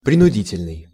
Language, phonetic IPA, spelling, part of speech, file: Russian, [prʲɪnʊˈdʲitʲɪlʲnɨj], принудительный, adjective, Ru-принудительный.ogg
- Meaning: 1. forced, coercive 2. forced (by mechanical means)